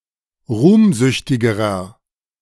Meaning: inflection of ruhmsüchtig: 1. strong/mixed nominative masculine singular comparative degree 2. strong genitive/dative feminine singular comparative degree 3. strong genitive plural comparative degree
- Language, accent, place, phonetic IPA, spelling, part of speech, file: German, Germany, Berlin, [ˈʁuːmˌzʏçtɪɡəʁɐ], ruhmsüchtigerer, adjective, De-ruhmsüchtigerer.ogg